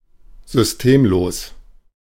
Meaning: systemless, unmethodical
- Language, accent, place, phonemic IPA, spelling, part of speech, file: German, Germany, Berlin, /zʏsˈteːmˌloːs/, systemlos, adjective, De-systemlos.ogg